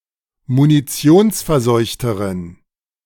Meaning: inflection of munitionsverseucht: 1. strong genitive masculine/neuter singular comparative degree 2. weak/mixed genitive/dative all-gender singular comparative degree
- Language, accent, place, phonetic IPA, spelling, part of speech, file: German, Germany, Berlin, [muniˈt͡si̯oːnsfɛɐ̯ˌzɔɪ̯çtəʁən], munitionsverseuchteren, adjective, De-munitionsverseuchteren.ogg